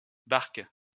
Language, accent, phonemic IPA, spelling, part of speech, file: French, France, /baʁk/, barques, noun, LL-Q150 (fra)-barques.wav
- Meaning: plural of barque